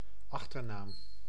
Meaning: surname
- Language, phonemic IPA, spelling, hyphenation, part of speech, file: Dutch, /ˈɑx.tərˌnaːm/, achternaam, ach‧ter‧naam, noun, Nl-achternaam.ogg